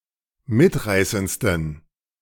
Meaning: 1. superlative degree of mitreißend 2. inflection of mitreißend: strong genitive masculine/neuter singular superlative degree
- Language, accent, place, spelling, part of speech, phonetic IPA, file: German, Germany, Berlin, mitreißendsten, adjective, [ˈmɪtˌʁaɪ̯sənt͡stn̩], De-mitreißendsten.ogg